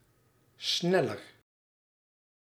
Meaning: comparative degree of snel
- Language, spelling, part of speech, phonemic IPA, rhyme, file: Dutch, sneller, adjective, /ˈsnɛlər/, -ɛlər, Nl-sneller.ogg